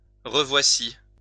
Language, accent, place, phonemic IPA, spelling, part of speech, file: French, France, Lyon, /ʁə.vwa.si/, revoici, verb, LL-Q150 (fra)-revoici.wav
- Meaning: here (something is) again